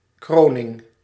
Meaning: 1. coronation (the act or solemnity of crowning) 2. someone's solemn, festive ... installation, acknowledgment etc
- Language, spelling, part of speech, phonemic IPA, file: Dutch, kroning, noun, /ˈkroːnɪŋ/, Nl-kroning.ogg